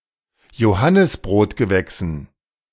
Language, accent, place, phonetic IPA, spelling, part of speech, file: German, Germany, Berlin, [joˈhanɪsbʁoːtɡəˌvɛksn̩], Johannisbrotgewächsen, noun, De-Johannisbrotgewächsen.ogg
- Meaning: dative plural of Johannisbrotgewächs